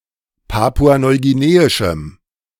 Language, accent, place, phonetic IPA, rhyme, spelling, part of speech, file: German, Germany, Berlin, [ˌpaːpuanɔɪ̯ɡiˈneːɪʃm̩], -eːɪʃm̩, papua-neuguineischem, adjective, De-papua-neuguineischem.ogg
- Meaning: strong dative masculine/neuter singular of papua-neuguineisch